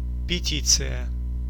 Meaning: petition
- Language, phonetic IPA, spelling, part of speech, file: Russian, [pʲɪˈtʲit͡sɨjə], петиция, noun, Ru-петиция.ogg